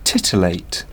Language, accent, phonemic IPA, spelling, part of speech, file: English, UK, /ˈtɪtɪleɪt/, titillate, verb, En-uk-titillate.ogg
- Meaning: To stimulate or excite sensually